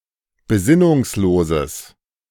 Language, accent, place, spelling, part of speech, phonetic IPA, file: German, Germany, Berlin, besinnungsloses, adjective, [beˈzɪnʊŋsˌloːzəs], De-besinnungsloses.ogg
- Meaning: strong/mixed nominative/accusative neuter singular of besinnungslos